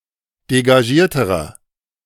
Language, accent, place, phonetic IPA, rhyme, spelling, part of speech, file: German, Germany, Berlin, [deɡaˈʒiːɐ̯təʁɐ], -iːɐ̯təʁɐ, degagierterer, adjective, De-degagierterer.ogg
- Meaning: inflection of degagiert: 1. strong/mixed nominative masculine singular comparative degree 2. strong genitive/dative feminine singular comparative degree 3. strong genitive plural comparative degree